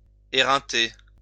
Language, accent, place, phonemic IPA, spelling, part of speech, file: French, France, Lyon, /e.ʁɛ̃.te/, éreinter, verb, LL-Q150 (fra)-éreinter.wav
- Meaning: 1. to wear out, to exhaust 2. to criticize strongly 3. to wear oneself out